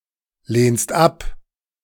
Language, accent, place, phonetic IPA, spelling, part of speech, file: German, Germany, Berlin, [ˌleːnst ˈap], lehnst ab, verb, De-lehnst ab.ogg
- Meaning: second-person singular present of ablehnen